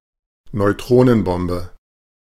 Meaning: neutron bomb
- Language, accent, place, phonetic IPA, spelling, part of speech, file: German, Germany, Berlin, [nɔɪ̯ˈtʁoːnənˌbɔmbə], Neutronenbombe, noun, De-Neutronenbombe.ogg